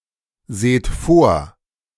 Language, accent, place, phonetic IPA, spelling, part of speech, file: German, Germany, Berlin, [ˌzeːt ˈfoːɐ̯], seht vor, verb, De-seht vor.ogg
- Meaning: inflection of vorsehen: 1. second-person plural present 2. plural imperative